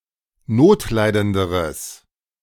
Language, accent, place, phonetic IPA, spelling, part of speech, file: German, Germany, Berlin, [ˈnoːtˌlaɪ̯dəndəʁəs], notleidenderes, adjective, De-notleidenderes.ogg
- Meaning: strong/mixed nominative/accusative neuter singular comparative degree of notleidend